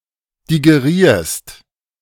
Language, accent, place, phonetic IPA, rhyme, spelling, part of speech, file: German, Germany, Berlin, [diɡeˈʁiːɐ̯st], -iːɐ̯st, digerierst, verb, De-digerierst.ogg
- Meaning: second-person singular present of digerieren